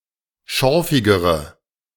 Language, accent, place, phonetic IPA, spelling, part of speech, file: German, Germany, Berlin, [ˈʃɔʁfɪɡəʁə], schorfigere, adjective, De-schorfigere.ogg
- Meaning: inflection of schorfig: 1. strong/mixed nominative/accusative feminine singular comparative degree 2. strong nominative/accusative plural comparative degree